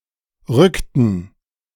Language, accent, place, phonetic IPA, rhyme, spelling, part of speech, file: German, Germany, Berlin, [ˈʁʏktn̩], -ʏktn̩, rückten, verb, De-rückten.ogg
- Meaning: inflection of rücken: 1. first/third-person plural preterite 2. first/third-person plural subjunctive II